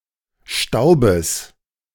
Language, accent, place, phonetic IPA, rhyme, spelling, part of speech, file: German, Germany, Berlin, [ˈʃtaʊ̯bəs], -aʊ̯bəs, Staubes, noun, De-Staubes.ogg
- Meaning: genitive singular of Staub